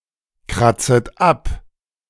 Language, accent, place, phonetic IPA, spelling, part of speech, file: German, Germany, Berlin, [ˌkʁat͡sət ˈap], kratzet ab, verb, De-kratzet ab.ogg
- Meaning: second-person plural subjunctive I of abkratzen